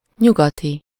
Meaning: western
- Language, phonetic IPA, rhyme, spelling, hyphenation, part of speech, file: Hungarian, [ˈɲuɡɒti], -ti, nyugati, nyu‧ga‧ti, adjective, Hu-nyugati.ogg